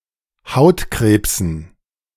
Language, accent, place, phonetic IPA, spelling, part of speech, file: German, Germany, Berlin, [ˈhaʊ̯tˌkʁeːpsn̩], Hautkrebsen, noun, De-Hautkrebsen.ogg
- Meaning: dative plural of Hautkrebs